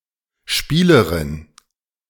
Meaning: player
- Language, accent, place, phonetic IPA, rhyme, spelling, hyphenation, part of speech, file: German, Germany, Berlin, [ˈʃpiːləʁɪn], -iːləʁɪn, Spielerin, Spie‧le‧rin, noun, De-Spielerin.ogg